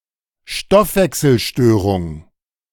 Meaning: metabolic disorder
- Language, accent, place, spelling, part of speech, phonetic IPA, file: German, Germany, Berlin, Stoffwechselstörung, noun, [ˈʃtɔfvɛksl̩ˌʃtøːʁʊŋ], De-Stoffwechselstörung.ogg